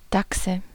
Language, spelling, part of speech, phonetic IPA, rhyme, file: German, Dachse, noun, [ˈdaksə], -aksə, De-Dachse.ogg
- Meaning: nominative/accusative/genitive plural of Dachs